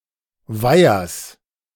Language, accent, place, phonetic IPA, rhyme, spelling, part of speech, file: German, Germany, Berlin, [ˈvaɪ̯ɐs], -aɪ̯ɐs, Weihers, noun, De-Weihers.ogg
- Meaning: genitive singular of Weiher